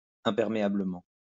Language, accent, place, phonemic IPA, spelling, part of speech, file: French, France, Lyon, /ɛ̃.pɛʁ.me.a.blə.mɑ̃/, imperméablement, adverb, LL-Q150 (fra)-imperméablement.wav
- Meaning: impermeably (in a way not allowing liquids to pass)